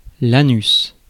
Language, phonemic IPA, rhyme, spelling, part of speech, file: French, /a.nys/, -ys, anus, noun, Fr-anus.ogg
- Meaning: anus